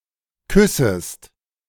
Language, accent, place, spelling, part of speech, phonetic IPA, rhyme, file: German, Germany, Berlin, küssest, verb, [ˈkʏsəst], -ʏsəst, De-küssest.ogg
- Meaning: second-person singular subjunctive I of küssen